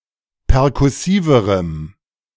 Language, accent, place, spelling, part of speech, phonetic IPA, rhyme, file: German, Germany, Berlin, perkussiverem, adjective, [pɛʁkʊˈsiːvəʁəm], -iːvəʁəm, De-perkussiverem.ogg
- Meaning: strong dative masculine/neuter singular comparative degree of perkussiv